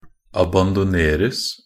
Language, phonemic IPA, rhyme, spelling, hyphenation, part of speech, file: Norwegian Bokmål, /abandɔˈneːrəs/, -əs, abandoneres, a‧ban‧do‧ner‧es, verb, Nb-abandoneres.ogg
- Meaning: passive of abandonere